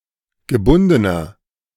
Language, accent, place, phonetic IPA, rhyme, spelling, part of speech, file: German, Germany, Berlin, [ɡəˈbʊndənɐ], -ʊndənɐ, gebundener, adjective, De-gebundener.ogg
- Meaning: inflection of gebunden: 1. strong/mixed nominative masculine singular 2. strong genitive/dative feminine singular 3. strong genitive plural